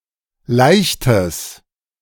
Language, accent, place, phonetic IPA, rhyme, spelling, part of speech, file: German, Germany, Berlin, [ˈlaɪ̯çtəs], -aɪ̯çtəs, leichtes, adjective, De-leichtes.ogg
- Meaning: strong/mixed nominative/accusative neuter singular of leicht